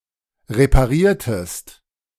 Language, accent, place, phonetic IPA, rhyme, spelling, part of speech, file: German, Germany, Berlin, [ʁepaˈʁiːɐ̯təst], -iːɐ̯təst, repariertest, verb, De-repariertest.ogg
- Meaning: inflection of reparieren: 1. second-person singular preterite 2. second-person singular subjunctive II